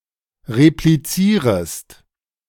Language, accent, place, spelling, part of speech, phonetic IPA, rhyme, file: German, Germany, Berlin, replizierest, verb, [ʁepliˈt͡siːʁəst], -iːʁəst, De-replizierest.ogg
- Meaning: second-person singular subjunctive I of replizieren